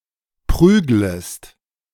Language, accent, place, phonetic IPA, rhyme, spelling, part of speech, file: German, Germany, Berlin, [ˈpʁyːɡləst], -yːɡləst, prüglest, verb, De-prüglest.ogg
- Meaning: second-person singular subjunctive I of prügeln